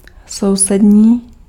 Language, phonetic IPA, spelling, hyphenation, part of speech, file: Czech, [ˈsou̯sɛdɲiː], sousední, sou‧sed‧ní, adjective, Cs-sousední.ogg
- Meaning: neighboring